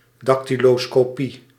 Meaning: dactyloscopy
- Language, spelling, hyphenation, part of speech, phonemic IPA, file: Dutch, dactyloscopie, dac‧ty‧lo‧sco‧pie, noun, /ˌdɑk.ti.loː.skoːˈpi/, Nl-dactyloscopie.ogg